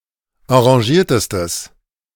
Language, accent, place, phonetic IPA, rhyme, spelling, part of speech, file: German, Germany, Berlin, [ɑ̃ʁaˈʒiːɐ̯təstəs], -iːɐ̯təstəs, enragiertestes, adjective, De-enragiertestes.ogg
- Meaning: strong/mixed nominative/accusative neuter singular superlative degree of enragiert